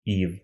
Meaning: genitive plural of и́ва (íva)
- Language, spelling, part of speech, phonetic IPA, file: Russian, ив, noun, [if], Ru-ив.ogg